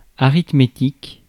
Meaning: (noun) arithmetic (mathematics of numbers, etc.); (adjective) arithmetic, arithmetical
- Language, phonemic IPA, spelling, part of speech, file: French, /a.ʁit.me.tik/, arithmétique, noun / adjective, Fr-arithmétique.ogg